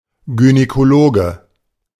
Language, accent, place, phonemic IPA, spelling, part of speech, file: German, Germany, Berlin, /ˌɡynekoˈloːɡə/, Gynäkologe, noun, De-Gynäkologe.ogg
- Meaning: gynecologist (male or of unspecified gender)